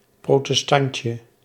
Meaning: diminutive of protestant
- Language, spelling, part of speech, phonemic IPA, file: Dutch, protestantje, noun, /ˌprotəˈstɑɲcə/, Nl-protestantje.ogg